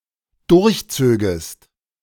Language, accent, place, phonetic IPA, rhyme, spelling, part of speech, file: German, Germany, Berlin, [ˌdʊʁçˈt͡søːɡəst], -øːɡəst, durchzögest, verb, De-durchzögest.ogg
- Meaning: second-person singular dependent subjunctive II of durchziehen